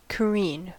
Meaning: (verb) 1. To heave a ship down on one side so as to expose the other, in order to clean it of barnacles and weed, or to repair it below the water line 2. To tilt on one side
- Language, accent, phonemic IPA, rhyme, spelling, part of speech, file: English, US, /kəˈɹiːn/, -iːn, careen, verb / noun, En-us-careen.ogg